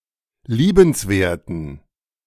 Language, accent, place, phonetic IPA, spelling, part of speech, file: German, Germany, Berlin, [ˈliːbənsˌveːɐ̯tn̩], liebenswerten, adjective, De-liebenswerten.ogg
- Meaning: inflection of liebenswert: 1. strong genitive masculine/neuter singular 2. weak/mixed genitive/dative all-gender singular 3. strong/weak/mixed accusative masculine singular 4. strong dative plural